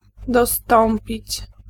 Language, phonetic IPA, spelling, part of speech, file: Polish, [dɔˈstɔ̃mpʲit͡ɕ], dostąpić, verb, Pl-dostąpić.ogg